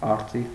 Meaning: eagle
- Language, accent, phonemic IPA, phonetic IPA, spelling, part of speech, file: Armenian, Eastern Armenian, /ɑɾˈt͡siv/, [ɑɾt͡sív], արծիվ, noun, Hy-արծիվ.ogg